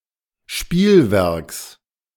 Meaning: genitive singular of Spielwerk
- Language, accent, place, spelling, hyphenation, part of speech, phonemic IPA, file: German, Germany, Berlin, Spielwerks, Spiel‧werks, noun, /ˈʃpiːlˌvɛʁks/, De-Spielwerks.ogg